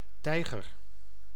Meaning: 1. tiger (Panthera tigris) 2. jaguar, (Panthera onca) 3. puma, cougar (Puma concolor) 4. leopard, panther (Panthera pardus)
- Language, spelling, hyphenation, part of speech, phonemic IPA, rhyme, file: Dutch, tijger, tij‧ger, noun, /ˈtɛi̯ɣər/, -ɛi̯ɣər, Nl-tijger.ogg